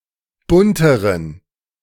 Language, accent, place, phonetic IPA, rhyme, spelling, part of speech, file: German, Germany, Berlin, [ˈbʊntəʁən], -ʊntəʁən, bunteren, adjective, De-bunteren.ogg
- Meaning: inflection of bunt: 1. strong genitive masculine/neuter singular comparative degree 2. weak/mixed genitive/dative all-gender singular comparative degree